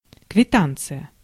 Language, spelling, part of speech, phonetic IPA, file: Russian, квитанция, noun, [kvʲɪˈtant͡sɨjə], Ru-квитанция.ogg
- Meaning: receipt, ticket